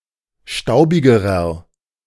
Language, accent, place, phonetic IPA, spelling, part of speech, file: German, Germany, Berlin, [ˈʃtaʊ̯bɪɡəʁɐ], staubigerer, adjective, De-staubigerer.ogg
- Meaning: inflection of staubig: 1. strong/mixed nominative masculine singular comparative degree 2. strong genitive/dative feminine singular comparative degree 3. strong genitive plural comparative degree